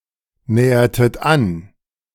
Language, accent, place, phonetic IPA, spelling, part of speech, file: German, Germany, Berlin, [ˌnɛːɐtət ˈan], nähertet an, verb, De-nähertet an.ogg
- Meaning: inflection of annähern: 1. second-person plural preterite 2. second-person plural subjunctive II